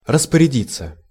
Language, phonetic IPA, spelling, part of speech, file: Russian, [rəspərʲɪˈdʲit͡sːə], распорядиться, verb, Ru-распорядиться.ogg
- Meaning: 1. to order, to decree 2. to arrange for, to organize